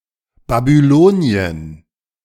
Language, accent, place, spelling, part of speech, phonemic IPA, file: German, Germany, Berlin, Babylonien, proper noun, /babyˈloːni̯ən/, De-Babylonien.ogg